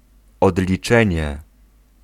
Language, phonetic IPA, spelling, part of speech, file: Polish, [ˌɔdlʲiˈt͡ʃɛ̃ɲɛ], odliczenie, noun, Pl-odliczenie.ogg